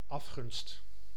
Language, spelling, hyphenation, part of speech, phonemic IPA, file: Dutch, afgunst, af‧gunst, noun, /ˈɑf.xʏnst/, Nl-afgunst.ogg
- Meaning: jealousy